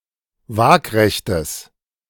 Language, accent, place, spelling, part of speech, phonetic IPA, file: German, Germany, Berlin, waagrechtes, adjective, [ˈvaːkʁɛçtəs], De-waagrechtes.ogg
- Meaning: strong/mixed nominative/accusative neuter singular of waagrecht